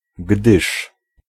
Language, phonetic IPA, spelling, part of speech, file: Polish, [ɡdɨʃ], gdyż, conjunction, Pl-gdyż.ogg